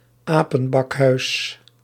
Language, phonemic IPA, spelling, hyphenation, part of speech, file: Dutch, /ˈaː.pə(n)ˌbɑk.ɦœy̯s/, apenbakhuis, apen‧bak‧huis, noun, Nl-apenbakhuis.ogg
- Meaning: obsolete spelling of apenbakkes